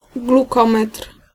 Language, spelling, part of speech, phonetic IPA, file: Polish, glukometr, noun, [ɡluˈkɔ̃mɛtr̥], Pl-glukometr.ogg